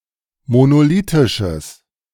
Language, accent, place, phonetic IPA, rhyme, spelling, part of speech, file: German, Germany, Berlin, [monoˈliːtɪʃəs], -iːtɪʃəs, monolithisches, adjective, De-monolithisches.ogg
- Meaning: strong/mixed nominative/accusative neuter singular of monolithisch